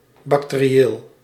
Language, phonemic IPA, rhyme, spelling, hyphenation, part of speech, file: Dutch, /ˌbɑk.teː.riˈeːl/, -eːl, bacterieel, bac‧te‧ri‧eel, adjective, Nl-bacterieel.ogg
- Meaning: bacterial